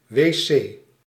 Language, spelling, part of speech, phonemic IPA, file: Dutch, wc, noun, /ʋeːˈseː/, Nl-wc.ogg
- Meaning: 1. toilet (bathroom with toilet) 2. water closet